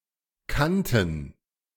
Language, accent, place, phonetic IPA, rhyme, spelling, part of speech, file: German, Germany, Berlin, [ˈkantn̩], -antn̩, kannten, verb, De-kannten.ogg
- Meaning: first/third-person plural preterite of kennen